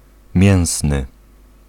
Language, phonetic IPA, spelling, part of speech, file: Polish, [ˈmʲjɛ̃w̃snɨ], mięsny, adjective / noun, Pl-mięsny.ogg